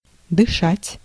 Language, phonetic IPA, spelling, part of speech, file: Russian, [dɨˈʂatʲ], дышать, verb, Ru-дышать.ogg
- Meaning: to breathe, to respire